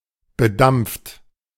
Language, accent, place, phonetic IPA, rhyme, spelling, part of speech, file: German, Germany, Berlin, [bəˈdamp͡ft], -amp͡ft, bedampft, verb, De-bedampft.ogg
- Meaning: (verb) past participle of bedampfen; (adjective) metallized (covered by a thin film of evaporated metal)